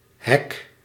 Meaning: hack (exploit; illegitimate attempt to gain access)
- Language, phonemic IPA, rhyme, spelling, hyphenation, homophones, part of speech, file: Dutch, /ɦɛk/, -ɛk, hack, hack, hek, noun, Nl-hack.ogg